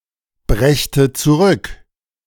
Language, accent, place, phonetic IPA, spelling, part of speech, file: German, Germany, Berlin, [ˌbʁɛçtə t͡suˈʁʏk], brächte zurück, verb, De-brächte zurück.ogg
- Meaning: first/third-person singular subjunctive II of zurückbringen